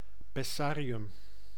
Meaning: pessary, diaphragm
- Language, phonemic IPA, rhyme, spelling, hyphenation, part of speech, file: Dutch, /pɛˈsaːriʏm/, -aːriʏm, pessarium, pes‧sa‧ri‧um, noun, Nl-pessarium.ogg